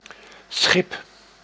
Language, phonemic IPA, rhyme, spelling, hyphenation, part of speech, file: Dutch, /sxɪp/, -ɪp, schip, schip, noun, Nl-schip.ogg
- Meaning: 1. ship (a large, water borne vessel) 2. nave (the middle or body of a standard medieval church or cathedral, extending from the transepts to the principal entrances)